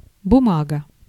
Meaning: 1. paper 2. document 3. cotton wool 4. hundred-ruble banknote
- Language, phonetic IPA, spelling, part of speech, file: Russian, [bʊˈmaɡə], бумага, noun, Ru-бумага.ogg